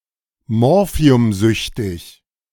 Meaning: morphinomaniac
- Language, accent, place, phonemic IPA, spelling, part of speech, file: German, Germany, Berlin, /ˈmɔʁfi̯ʊmˌzʏçtɪç/, morphiumsüchtig, adjective, De-morphiumsüchtig.ogg